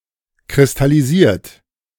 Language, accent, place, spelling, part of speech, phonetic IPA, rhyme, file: German, Germany, Berlin, kristallisiert, verb, [kʁɪstaliˈziːɐ̯t], -iːɐ̯t, De-kristallisiert.ogg
- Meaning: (verb) past participle of kristallisieren; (adjective) 1. crystallized 2. candied; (verb) inflection of kristallisieren: 1. third-person singular present 2. second-person plural present